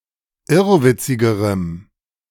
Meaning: strong dative masculine/neuter singular comparative degree of irrwitzig
- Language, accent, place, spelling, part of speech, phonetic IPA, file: German, Germany, Berlin, irrwitzigerem, adjective, [ˈɪʁvɪt͡sɪɡəʁəm], De-irrwitzigerem.ogg